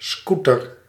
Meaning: motor scooter
- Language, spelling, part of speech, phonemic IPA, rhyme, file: Dutch, scooter, noun, /ˈsku.tər/, -utər, Nl-scooter.ogg